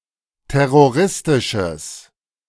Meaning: strong/mixed nominative/accusative neuter singular of terroristisch
- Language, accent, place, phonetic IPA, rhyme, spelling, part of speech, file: German, Germany, Berlin, [ˌtɛʁoˈʁɪstɪʃəs], -ɪstɪʃəs, terroristisches, adjective, De-terroristisches.ogg